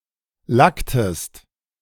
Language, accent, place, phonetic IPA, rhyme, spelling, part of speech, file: German, Germany, Berlin, [ˈlaktəst], -aktəst, lacktest, verb, De-lacktest.ogg
- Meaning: inflection of lacken: 1. second-person singular preterite 2. second-person singular subjunctive II